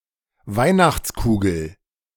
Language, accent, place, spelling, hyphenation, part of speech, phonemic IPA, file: German, Germany, Berlin, Weihnachtskugel, Weih‧nachts‧ku‧gel, noun, /ˈvaɪ̯naxt͡sˌkuːɡl̩/, De-Weihnachtskugel.ogg
- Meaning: A bauble, shiny spherical decoration, commonly used for Christmas decorations, especially Christmas trees